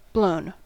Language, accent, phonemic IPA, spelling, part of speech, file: English, US, /bloʊn/, blown, adjective / verb, En-us-blown.ogg
- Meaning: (adjective) 1. Distended, swollen, or inflated 2. Panting and out of breath 3. Formed by blowing 4. Under the influence of drugs, especially marijuana 5. Stale; worthless